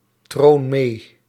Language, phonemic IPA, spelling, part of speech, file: Dutch, /ˈtron ˈme/, troon mee, verb, Nl-troon mee.ogg
- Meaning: inflection of meetronen: 1. first-person singular present indicative 2. second-person singular present indicative 3. imperative